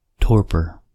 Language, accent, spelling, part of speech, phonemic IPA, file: English, US, torpor, noun, /ˈtɔɹpɚ/, En-us-torpor.ogg
- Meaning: 1. A state of being inactive or stuporous 2. A state of apathy or lethargy 3. A state similar to hibernation characterised by energy-conserving, very deep sleep